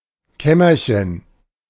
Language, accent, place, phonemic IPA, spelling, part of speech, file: German, Germany, Berlin, /ˈkɛmɐçən/, Kämmerchen, noun, De-Kämmerchen.ogg
- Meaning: diminutive of Kammer